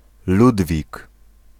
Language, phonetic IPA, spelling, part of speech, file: Polish, [ˈludvʲik], Ludwik, proper noun, Pl-Ludwik.ogg